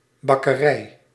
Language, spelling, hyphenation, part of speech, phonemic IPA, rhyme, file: Dutch, bakkerij, bak‧ke‧rij, noun, /bɑkəˈrɛi̯/, -ɛi̯, Nl-bakkerij.ogg
- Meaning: 1. a bakery 2. the act of baking